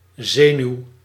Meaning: nerve
- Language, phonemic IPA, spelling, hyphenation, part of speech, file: Dutch, /ˈzeː.nyu̯/, zenuw, ze‧nuw, noun, Nl-zenuw.ogg